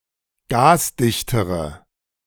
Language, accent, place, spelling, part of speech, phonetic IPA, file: German, Germany, Berlin, gasdichtere, adjective, [ˈɡaːsˌdɪçtəʁə], De-gasdichtere.ogg
- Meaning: inflection of gasdicht: 1. strong/mixed nominative/accusative feminine singular comparative degree 2. strong nominative/accusative plural comparative degree